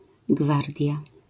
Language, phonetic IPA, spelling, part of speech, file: Polish, [ˈɡvardʲja], gwardia, noun, LL-Q809 (pol)-gwardia.wav